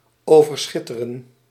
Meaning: to outshine
- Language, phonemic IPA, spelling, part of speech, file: Dutch, /ˌoː.vərˈsxɪ.tə.rə(n)/, overschitteren, verb, Nl-overschitteren.ogg